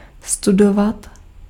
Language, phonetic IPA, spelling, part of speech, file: Czech, [ˈstudovat], studovat, verb, Cs-studovat.ogg
- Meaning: to study